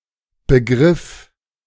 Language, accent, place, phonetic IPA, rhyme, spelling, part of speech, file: German, Germany, Berlin, [bəˈɡʁɪf], -ɪf, begriff, verb, De-begriff.ogg
- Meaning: first/third-person singular preterite of begreifen